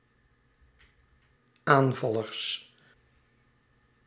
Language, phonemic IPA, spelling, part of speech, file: Dutch, /ˈaɱvɑlərs/, aanvallers, noun, Nl-aanvallers.ogg
- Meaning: plural of aanvaller